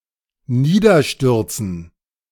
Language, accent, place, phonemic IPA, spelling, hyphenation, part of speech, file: German, Germany, Berlin, /ˈniːdɐˌʃtʏʁt͡sn̩/, niederstürzen, nie‧der‧stür‧zen, verb, De-niederstürzen.ogg
- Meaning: to fall down, to crash down